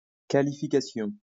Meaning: qualification (all senses)
- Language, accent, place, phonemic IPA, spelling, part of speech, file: French, France, Lyon, /ka.li.fi.ka.sjɔ̃/, qualification, noun, LL-Q150 (fra)-qualification.wav